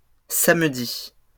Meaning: plural of samedi
- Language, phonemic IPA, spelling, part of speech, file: French, /sam.di/, samedis, noun, LL-Q150 (fra)-samedis.wav